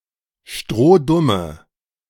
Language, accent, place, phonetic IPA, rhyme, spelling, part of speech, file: German, Germany, Berlin, [ˈʃtʁoːˈdʊmə], -ʊmə, strohdumme, adjective, De-strohdumme.ogg
- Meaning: inflection of strohdumm: 1. strong/mixed nominative/accusative feminine singular 2. strong nominative/accusative plural 3. weak nominative all-gender singular